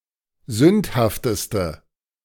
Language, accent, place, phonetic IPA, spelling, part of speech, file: German, Germany, Berlin, [ˈzʏnthaftəstə], sündhafteste, adjective, De-sündhafteste.ogg
- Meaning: inflection of sündhaft: 1. strong/mixed nominative/accusative feminine singular superlative degree 2. strong nominative/accusative plural superlative degree